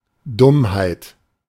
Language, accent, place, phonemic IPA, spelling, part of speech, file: German, Germany, Berlin, /ˈdʊmhaɪ̯t/, Dummheit, noun, De-Dummheit.ogg
- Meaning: stupidity